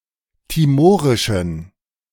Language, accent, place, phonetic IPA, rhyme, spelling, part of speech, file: German, Germany, Berlin, [tiˈmoːʁɪʃn̩], -oːʁɪʃn̩, timorischen, adjective, De-timorischen.ogg
- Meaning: inflection of timorisch: 1. strong genitive masculine/neuter singular 2. weak/mixed genitive/dative all-gender singular 3. strong/weak/mixed accusative masculine singular 4. strong dative plural